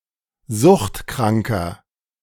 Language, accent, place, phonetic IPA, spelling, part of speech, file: German, Germany, Berlin, [ˈzʊxtˌkʁaŋkɐ], suchtkranker, adjective, De-suchtkranker.ogg
- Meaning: inflection of suchtkrank: 1. strong/mixed nominative masculine singular 2. strong genitive/dative feminine singular 3. strong genitive plural